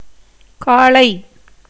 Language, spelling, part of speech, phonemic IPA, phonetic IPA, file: Tamil, காளை, noun, /kɑːɭɐɪ̯/, [käːɭɐɪ̯], Ta-காளை.ogg
- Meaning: 1. ox, bull, bullock, steer 2. A robust young man